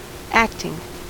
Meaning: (adjective) Temporarily assuming the duties or authority of another person when they are unable to do their job; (verb) present participle and gerund of act; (noun) An action or deed
- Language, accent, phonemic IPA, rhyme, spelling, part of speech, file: English, US, /ˈæk.tɪŋ/, -æktɪŋ, acting, adjective / verb / noun, En-us-acting.ogg